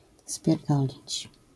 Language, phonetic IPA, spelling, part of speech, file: Polish, [spʲjɛrˈdɔlʲit͡ɕ], spierdolić, verb, LL-Q809 (pol)-spierdolić.wav